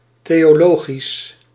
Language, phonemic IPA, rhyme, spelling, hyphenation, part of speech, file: Dutch, /ˌteː.oːˈloː.ɣis/, -oːɣis, theologisch, theo‧lo‧gisch, adjective, Nl-theologisch.ogg
- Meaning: theological